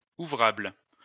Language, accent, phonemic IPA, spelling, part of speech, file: French, France, /u.vʁabl/, ouvrable, adjective, LL-Q150 (fra)-ouvrable.wav
- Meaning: working, business